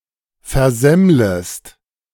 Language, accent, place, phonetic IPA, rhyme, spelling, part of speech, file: German, Germany, Berlin, [fɛɐ̯ˈzɛmləst], -ɛmləst, versemmlest, verb, De-versemmlest.ogg
- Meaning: second-person singular subjunctive I of versemmeln